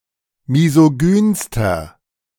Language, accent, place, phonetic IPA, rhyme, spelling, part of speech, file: German, Germany, Berlin, [mizoˈɡyːnstɐ], -yːnstɐ, misogynster, adjective, De-misogynster.ogg
- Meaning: inflection of misogyn: 1. strong/mixed nominative masculine singular superlative degree 2. strong genitive/dative feminine singular superlative degree 3. strong genitive plural superlative degree